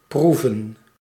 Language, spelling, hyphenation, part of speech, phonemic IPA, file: Dutch, proeven, proe‧ven, verb / noun, /ˈpru.və(n)/, Nl-proeven.ogg
- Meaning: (verb) 1. to taste (something), to test or detect by tasting 2. to try, experience, find out, feel, taste 3. to taste, to have a taste 4. to (provide) prove (for); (noun) plural of proef